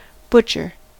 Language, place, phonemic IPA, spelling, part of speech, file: English, California, /ˈbʊt͡ʃɚ/, butcher, noun / verb / adjective, En-us-butcher.ogg
- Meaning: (noun) 1. A person who prepares and sells meat (and sometimes also slaughters the animals) 2. A brutal or indiscriminate killer 3. A look